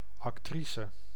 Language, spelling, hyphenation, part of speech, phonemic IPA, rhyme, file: Dutch, actrice, ac‧tri‧ce, noun, /ˌɑkˈtri.sə/, -isə, Nl-actrice.ogg
- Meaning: actress